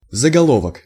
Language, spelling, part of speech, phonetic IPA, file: Russian, заголовок, noun, [zəɡɐˈɫovək], Ru-заголовок.ogg
- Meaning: heading; header; title; headline; caption